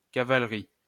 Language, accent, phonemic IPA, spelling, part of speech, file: French, France, /ka.val.ʁi/, cavalerie, noun, LL-Q150 (fra)-cavalerie.wav
- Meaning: cavalry